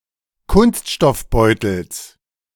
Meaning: genitive singular of Kunststoffbeutel
- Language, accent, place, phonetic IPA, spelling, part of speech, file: German, Germany, Berlin, [ˈkʊnstʃtɔfˌbɔɪ̯tl̩s], Kunststoffbeutels, noun, De-Kunststoffbeutels.ogg